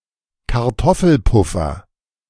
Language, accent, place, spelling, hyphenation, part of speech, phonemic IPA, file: German, Germany, Berlin, Kartoffelpuffer, Kar‧tof‧fel‧puf‧fer, noun, /kaʁˈtɔfl̩ˌpʊfɐ/, De-Kartoffelpuffer.ogg
- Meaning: potato pancake